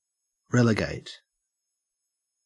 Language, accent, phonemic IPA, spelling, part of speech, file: English, Australia, /ˈɹeləˌɡæɪt/, relegate, verb, En-au-relegate.ogg
- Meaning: Exile, banish, remove, or send away.: 1. Exile or banish to a particular place 2. Remove (oneself) to a distance from something or somewhere